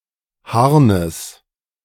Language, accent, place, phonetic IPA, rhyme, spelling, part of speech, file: German, Germany, Berlin, [ˈhaʁnəs], -aʁnəs, Harnes, noun, De-Harnes.ogg
- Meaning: genitive of Harn